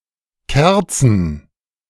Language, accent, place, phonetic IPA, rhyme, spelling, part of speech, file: German, Germany, Berlin, [ˈkɛʁt͡sn̩], -ɛʁt͡sn̩, Kerzen, noun, De-Kerzen.ogg
- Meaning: plural of Kerze "candles"